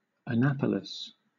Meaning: 1. The capital city of Maryland, United States and the county seat of Anne Arundel County, Maryland 2. USNA (“United States Naval Academy”), located in the above city 3. The Maryland government
- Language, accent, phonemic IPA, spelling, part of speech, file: English, Southern England, /əˈnæpəlɪs/, Annapolis, proper noun, LL-Q1860 (eng)-Annapolis.wav